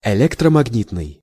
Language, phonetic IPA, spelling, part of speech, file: Russian, [ɪˌlʲektrəmɐɡˈnʲitnɨj], электромагнитный, adjective, Ru-электромагнитный.ogg
- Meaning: electromagnetic